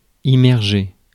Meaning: to immerse
- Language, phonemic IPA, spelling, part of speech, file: French, /i.mɛʁ.ʒe/, immerger, verb, Fr-immerger.ogg